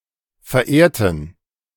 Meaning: inflection of verehren: 1. first/third-person plural preterite 2. first/third-person plural subjunctive II
- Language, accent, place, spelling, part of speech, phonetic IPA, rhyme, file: German, Germany, Berlin, verehrten, adjective / verb, [fɛɐ̯ˈʔeːɐ̯tn̩], -eːɐ̯tn̩, De-verehrten.ogg